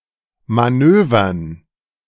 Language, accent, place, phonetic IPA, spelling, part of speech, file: German, Germany, Berlin, [maˈnøːvɐn], Manövern, noun, De-Manövern.ogg
- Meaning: dative plural of Manöver